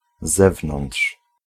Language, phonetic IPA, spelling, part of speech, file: Polish, [ˈzɛvnɔ̃nṭʃ], zewnątrz, preposition / adverb, Pl-zewnątrz.ogg